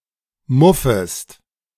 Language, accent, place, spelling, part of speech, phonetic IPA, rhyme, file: German, Germany, Berlin, muffest, verb, [ˈmʊfəst], -ʊfəst, De-muffest.ogg
- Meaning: second-person singular subjunctive I of muffen